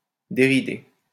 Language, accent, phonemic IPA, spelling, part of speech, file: French, France, /de.ʁi.de/, déridé, verb, LL-Q150 (fra)-déridé.wav
- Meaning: past participle of dérider